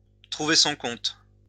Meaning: to do well out of, to find one's account in, to benefit from
- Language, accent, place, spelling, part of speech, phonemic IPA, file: French, France, Lyon, trouver son compte, verb, /tʁu.ve sɔ̃ kɔ̃t/, LL-Q150 (fra)-trouver son compte.wav